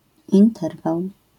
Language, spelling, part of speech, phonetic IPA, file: Polish, interwał, noun, [ĩnˈtɛrvaw], LL-Q809 (pol)-interwał.wav